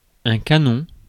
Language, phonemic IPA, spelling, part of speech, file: French, /ka.nɔ̃/, canon, noun / adjective, Fr-canon.ogg
- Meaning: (noun) 1. cannon, (big) gun 2. barrel (of firearm) 3. cannon for a horse 4. canon 5. hottie, dish, bombshell (attractive man/woman); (adjective) hot, sexy; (noun) glass of wine